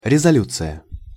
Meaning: 1. resolution (of an assembly, etc) 2. instructions
- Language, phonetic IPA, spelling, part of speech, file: Russian, [rʲɪzɐˈlʲut͡sɨjə], резолюция, noun, Ru-резолюция.ogg